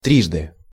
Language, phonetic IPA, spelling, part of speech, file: Russian, [ˈtrʲiʐdɨ], трижды, adverb, Ru-трижды.ogg
- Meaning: 1. three times, thrice, on three occasions 2. 3×, three times as much